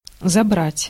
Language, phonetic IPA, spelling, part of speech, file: Russian, [zɐˈbratʲ], забрать, verb, Ru-забрать.ogg
- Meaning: 1. to take away, to seize, to collect; to capture, to take possession 2. to collect, to pick up 3. to arrest 4. to pick up (to collect a passenger) 5. to bear, to turn off, to turn aside